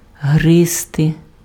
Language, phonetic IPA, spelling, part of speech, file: Ukrainian, [ˈɦrɪzte], гризти, verb, Uk-гризти.ogg
- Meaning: 1. to gnaw 2. to nibble